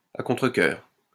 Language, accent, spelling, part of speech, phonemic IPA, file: French, France, à contre-cœur, adverb, /a kɔ̃.tʁə.kœʁ/, LL-Q150 (fra)-à contre-cœur.wav
- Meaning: alternative spelling of à contrecœur